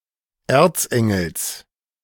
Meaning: genitive singular of Erzengel
- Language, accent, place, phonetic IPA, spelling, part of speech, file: German, Germany, Berlin, [ˈeːɐ̯t͡sˌʔɛŋl̩s], Erzengels, noun, De-Erzengels.ogg